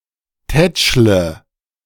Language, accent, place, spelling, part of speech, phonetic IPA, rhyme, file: German, Germany, Berlin, tätschle, verb, [ˈtɛt͡ʃlə], -ɛt͡ʃlə, De-tätschle.ogg
- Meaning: inflection of tätscheln: 1. first-person singular present 2. first/third-person singular subjunctive I 3. singular imperative